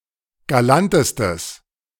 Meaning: strong/mixed nominative/accusative neuter singular superlative degree of galant
- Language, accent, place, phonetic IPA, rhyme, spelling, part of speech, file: German, Germany, Berlin, [ɡaˈlantəstəs], -antəstəs, galantestes, adjective, De-galantestes.ogg